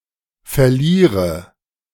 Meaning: inflection of verlieren: 1. first-person singular present 2. first/third-person singular subjunctive I 3. singular imperative
- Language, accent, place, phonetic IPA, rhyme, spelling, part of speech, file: German, Germany, Berlin, [fɛɐ̯ˈliːʁə], -iːʁə, verliere, verb, De-verliere.ogg